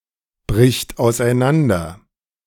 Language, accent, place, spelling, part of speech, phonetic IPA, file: German, Germany, Berlin, bricht auseinander, verb, [ˌbʁɪçt aʊ̯sʔaɪ̯ˈnandɐ], De-bricht auseinander.ogg
- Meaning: third-person singular present of auseinanderbrechen